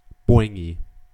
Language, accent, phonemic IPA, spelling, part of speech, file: English, US, /ˈbɔɪŋˌɡiː/, boingy, adjective, En-us-boingy.ogg
- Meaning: Producing an elastic, bouncy sound, like a "boing"